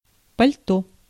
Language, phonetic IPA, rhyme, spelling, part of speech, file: Russian, [pɐlʲˈto], -o, пальто, noun, Ru-пальто.ogg
- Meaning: overcoat, greatcoat, carrick